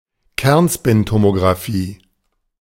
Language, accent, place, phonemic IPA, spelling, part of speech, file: German, Germany, Berlin, /ˈkɛʁnʃpɪntomoɡʁaˌfiː/, Kernspintomographie, noun, De-Kernspintomographie.ogg
- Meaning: MRI (magnetic resonance imaging)